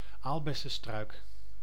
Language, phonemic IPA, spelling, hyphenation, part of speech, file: Dutch, /ˈaːl.bɛ.sə(n)ˌstrœy̯k/, aalbessenstruik, aal‧bes‧sen‧struik, noun, Nl-aalbessenstruik.ogg
- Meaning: currant bush